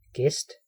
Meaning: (noun) visitor, guest; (verb) imperative of gæste
- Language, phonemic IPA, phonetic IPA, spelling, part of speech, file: Danish, /ɡɛst/, [ɡ̊ɛsd̥], gæst, noun / verb, Da-gæst.ogg